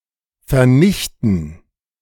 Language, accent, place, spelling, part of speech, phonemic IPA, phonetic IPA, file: German, Germany, Berlin, vernichten, verb, /fɛɐ̯ˈnɪçtən/, [fɛɐ̯ˈnɪçtn̩], De-vernichten.ogg
- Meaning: 1. to destroy; to ruin; to wreck 2. to annihilate; to benothing; to eradicate; to extinguish (to make dying out or nothing)